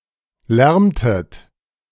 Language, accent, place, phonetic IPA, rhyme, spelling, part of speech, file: German, Germany, Berlin, [ˈlɛʁmtət], -ɛʁmtət, lärmtet, verb, De-lärmtet.ogg
- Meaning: inflection of lärmen: 1. second-person plural preterite 2. second-person plural subjunctive II